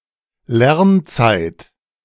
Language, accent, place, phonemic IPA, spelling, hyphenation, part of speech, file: German, Germany, Berlin, /ˈlɛʁnˌt͡saɪ̯t/, Lernzeit, Lern‧zeit, noun, De-Lernzeit.ogg
- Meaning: study time